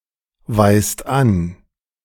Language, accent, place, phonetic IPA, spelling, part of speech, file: German, Germany, Berlin, [vaɪ̯st ˈan], weist an, verb, De-weist an.ogg
- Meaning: inflection of anweisen: 1. second/third-person singular present 2. second-person plural present 3. plural imperative